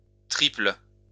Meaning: second-person singular present indicative/subjunctive of tripler
- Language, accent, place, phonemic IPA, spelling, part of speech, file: French, France, Lyon, /tʁipl/, triples, verb, LL-Q150 (fra)-triples.wav